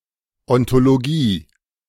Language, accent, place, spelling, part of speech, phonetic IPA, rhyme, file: German, Germany, Berlin, Ontologie, noun, [ˌɔntoloˈɡiː], -iː, De-Ontologie.ogg
- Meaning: ontology (all senses)